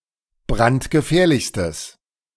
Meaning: strong/mixed nominative/accusative neuter singular superlative degree of brandgefährlich
- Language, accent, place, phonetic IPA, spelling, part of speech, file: German, Germany, Berlin, [ˈbʁantɡəˌfɛːɐ̯lɪçstəs], brandgefährlichstes, adjective, De-brandgefährlichstes.ogg